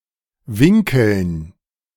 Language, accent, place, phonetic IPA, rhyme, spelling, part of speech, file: German, Germany, Berlin, [ˈvɪŋkl̩n], -ɪŋkl̩n, Winkeln, noun, De-Winkeln.ogg
- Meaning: dative plural of Winkel